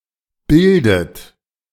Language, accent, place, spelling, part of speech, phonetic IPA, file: German, Germany, Berlin, bildet, verb, [ˈbɪldət], De-bildet.ogg
- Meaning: inflection of bilden: 1. third-person singular present 2. second-person plural present 3. plural imperative 4. second-person plural subjunctive I